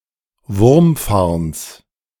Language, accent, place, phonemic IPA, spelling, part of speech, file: German, Germany, Berlin, /ˈvʊʁmˌfaʁns/, Wurmfarns, noun, De-Wurmfarns.ogg
- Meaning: genitive singular of Wurmfarn